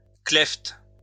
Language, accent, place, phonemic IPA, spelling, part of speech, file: French, France, Lyon, /klɛft/, klephte, noun, LL-Q150 (fra)-klephte.wav
- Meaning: klepht